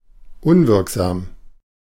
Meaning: 1. ineffective (not having the intended effect) 2. void (not legally applicable)
- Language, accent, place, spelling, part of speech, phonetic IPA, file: German, Germany, Berlin, unwirksam, adjective, [ˈʊnvɪʁkzaːm], De-unwirksam.ogg